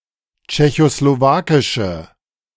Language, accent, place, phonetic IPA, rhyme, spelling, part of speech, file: German, Germany, Berlin, [t͡ʃɛçosloˈvaːkɪʃə], -aːkɪʃə, tschechoslowakische, adjective, De-tschechoslowakische.ogg
- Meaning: inflection of tschechoslowakisch: 1. strong/mixed nominative/accusative feminine singular 2. strong nominative/accusative plural 3. weak nominative all-gender singular